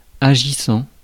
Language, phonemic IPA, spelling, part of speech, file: French, /a.ʒi.sɑ̃/, agissant, verb / adjective, Fr-agissant.ogg
- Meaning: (verb) present participle of agir; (adjective) 1. agitated 2. active